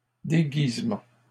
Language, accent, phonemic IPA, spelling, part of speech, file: French, Canada, /de.ɡiz.mɑ̃/, déguisement, noun, LL-Q150 (fra)-déguisement.wav
- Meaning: 1. disguise, costume (outfit worn to hide one's identity) 2. camouflage 3. fancy dress